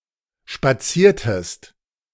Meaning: inflection of spazieren: 1. second-person singular preterite 2. second-person singular subjunctive II
- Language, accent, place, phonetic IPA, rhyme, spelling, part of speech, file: German, Germany, Berlin, [ʃpaˈt͡siːɐ̯təst], -iːɐ̯təst, spaziertest, verb, De-spaziertest.ogg